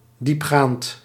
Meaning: profound, thorough, probing
- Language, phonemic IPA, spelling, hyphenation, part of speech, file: Dutch, /dipˈxaːnt/, diepgaand, diep‧gaand, adjective, Nl-diepgaand.ogg